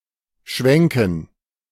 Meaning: 1. to wave, to brandish (a long item, e.g. a flag or sword) 2. to swivel (a lamp etc.) 3. to pan (a camera) 4. to flip food in a pan 5. to swing
- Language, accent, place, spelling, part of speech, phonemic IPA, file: German, Germany, Berlin, schwenken, verb, /ˈʃvɛŋkn̩/, De-schwenken.ogg